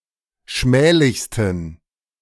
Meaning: 1. superlative degree of schmählich 2. inflection of schmählich: strong genitive masculine/neuter singular superlative degree
- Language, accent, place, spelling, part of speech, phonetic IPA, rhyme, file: German, Germany, Berlin, schmählichsten, adjective, [ˈʃmɛːlɪçstn̩], -ɛːlɪçstn̩, De-schmählichsten.ogg